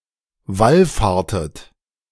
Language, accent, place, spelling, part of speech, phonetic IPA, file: German, Germany, Berlin, wallfahrtet, verb, [ˈvalˌfaːɐ̯tət], De-wallfahrtet.ogg
- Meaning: inflection of wallfahren: 1. second-person plural preterite 2. second-person plural subjunctive II